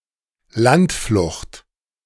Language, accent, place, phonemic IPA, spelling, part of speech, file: German, Germany, Berlin, /ˈlantˌflʊxt/, Landflucht, noun, De-Landflucht.ogg
- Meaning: rural flight